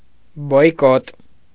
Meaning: boycott
- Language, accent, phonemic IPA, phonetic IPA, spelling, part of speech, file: Armenian, Eastern Armenian, /bojˈkot/, [bojkót], բոյկոտ, noun, Hy-բոյկոտ.ogg